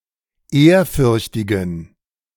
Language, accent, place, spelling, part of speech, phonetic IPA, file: German, Germany, Berlin, ehrfürchtigen, adjective, [ˈeːɐ̯ˌfʏʁçtɪɡn̩], De-ehrfürchtigen.ogg
- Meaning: inflection of ehrfürchtig: 1. strong genitive masculine/neuter singular 2. weak/mixed genitive/dative all-gender singular 3. strong/weak/mixed accusative masculine singular 4. strong dative plural